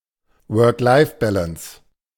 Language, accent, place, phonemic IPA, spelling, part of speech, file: German, Germany, Berlin, /vœːɐ̯klaɪ̯fˈbɛləns/, Work-Life-Balance, noun, De-Work-Life-Balance.ogg
- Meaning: work-life balance